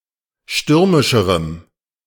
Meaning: strong dative masculine/neuter singular comparative degree of stürmisch
- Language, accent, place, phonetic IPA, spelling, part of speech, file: German, Germany, Berlin, [ˈʃtʏʁmɪʃəʁəm], stürmischerem, adjective, De-stürmischerem.ogg